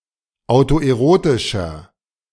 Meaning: inflection of autoerotisch: 1. strong/mixed nominative masculine singular 2. strong genitive/dative feminine singular 3. strong genitive plural
- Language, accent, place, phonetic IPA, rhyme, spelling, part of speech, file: German, Germany, Berlin, [aʊ̯toʔeˈʁoːtɪʃɐ], -oːtɪʃɐ, autoerotischer, adjective, De-autoerotischer.ogg